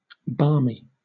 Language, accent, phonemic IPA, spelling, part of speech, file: English, Southern England, /ˈbɑːmi/, barmy, adjective / noun, LL-Q1860 (eng)-barmy.wav
- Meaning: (adjective) Containing, covered with, or pertaining to barm (“foam rising upon beer or other malt liquors when fermenting, used as leaven in brewing and making bread”)